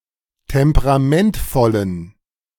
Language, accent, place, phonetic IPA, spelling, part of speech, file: German, Germany, Berlin, [ˌtɛmpəʁaˈmɛntfɔlən], temperamentvollen, adjective, De-temperamentvollen.ogg
- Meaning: inflection of temperamentvoll: 1. strong genitive masculine/neuter singular 2. weak/mixed genitive/dative all-gender singular 3. strong/weak/mixed accusative masculine singular 4. strong dative plural